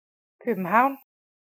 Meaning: Copenhagen (the capital city of Denmark)
- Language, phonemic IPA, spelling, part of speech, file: Danish, /købənˈhɑwˀn/, København, proper noun, Da-København.ogg